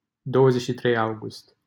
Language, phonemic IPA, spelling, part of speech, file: Romanian, /ˌdowəˈzet͡ʃʲ ʃi trej ˈawɡust/, 23 August, proper noun, LL-Q7913 (ron)-23 August.wav
- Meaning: 1. a village in Zăvoi, Caraș-Severin County, Romania 2. a commune of Constanța County, Romania 3. a village in 23 August, Constanța County, Romania 4. a village in Malovăț, Mehedinți County, Romania